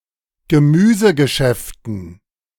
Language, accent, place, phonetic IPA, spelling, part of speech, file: German, Germany, Berlin, [ɡəˈmyːzəɡəˌʃɛftn̩], Gemüsegeschäften, noun, De-Gemüsegeschäften.ogg
- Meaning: dative plural of Gemüsegeschäft